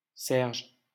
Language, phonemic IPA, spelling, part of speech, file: French, /sɛʁʒ/, Serge, proper noun, LL-Q150 (fra)-Serge.wav
- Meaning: a male given name